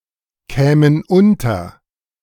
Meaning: first-person plural subjunctive II of unterkommen
- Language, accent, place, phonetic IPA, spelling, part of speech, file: German, Germany, Berlin, [ˌkɛːmən ˈʊntɐ], kämen unter, verb, De-kämen unter.ogg